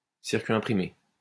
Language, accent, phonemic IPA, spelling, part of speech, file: French, France, /siʁ.kɥi ɛ̃.pʁi.me/, circuit imprimé, noun, LL-Q150 (fra)-circuit imprimé.wav
- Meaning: printed circuit board